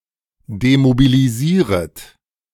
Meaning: second-person plural subjunctive I of demobilisieren
- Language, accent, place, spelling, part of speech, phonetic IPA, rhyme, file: German, Germany, Berlin, demobilisieret, verb, [demobiliˈziːʁət], -iːʁət, De-demobilisieret.ogg